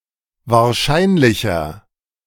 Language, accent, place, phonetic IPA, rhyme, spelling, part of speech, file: German, Germany, Berlin, [vaːɐ̯ˈʃaɪ̯nlɪçɐ], -aɪ̯nlɪçɐ, wahrscheinlicher, adjective, De-wahrscheinlicher.ogg
- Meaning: 1. comparative degree of wahrscheinlich 2. inflection of wahrscheinlich: strong/mixed nominative masculine singular 3. inflection of wahrscheinlich: strong genitive/dative feminine singular